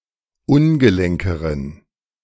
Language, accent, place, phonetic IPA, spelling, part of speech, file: German, Germany, Berlin, [ˈʊnɡəˌlɛŋkəʁən], ungelenkeren, adjective, De-ungelenkeren.ogg
- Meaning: inflection of ungelenk: 1. strong genitive masculine/neuter singular comparative degree 2. weak/mixed genitive/dative all-gender singular comparative degree